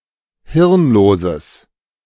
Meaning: strong/mixed nominative/accusative neuter singular of hirnlos
- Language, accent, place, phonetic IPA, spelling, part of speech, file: German, Germany, Berlin, [ˈhɪʁnˌloːzəs], hirnloses, adjective, De-hirnloses.ogg